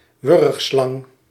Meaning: a constrictor, serpent which kills preys by strangulation
- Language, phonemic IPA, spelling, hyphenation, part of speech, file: Dutch, /ˈʋʏrx.slɑŋ/, wurgslang, wurg‧slang, noun, Nl-wurgslang.ogg